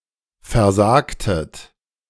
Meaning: inflection of versagen: 1. second-person plural preterite 2. second-person plural subjunctive II
- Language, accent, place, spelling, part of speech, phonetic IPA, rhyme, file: German, Germany, Berlin, versagtet, verb, [fɛɐ̯ˈzaːktət], -aːktət, De-versagtet.ogg